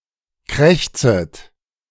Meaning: second-person plural subjunctive I of krächzen
- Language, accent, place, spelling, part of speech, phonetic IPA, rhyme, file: German, Germany, Berlin, krächzet, verb, [ˈkʁɛçt͡sət], -ɛçt͡sət, De-krächzet.ogg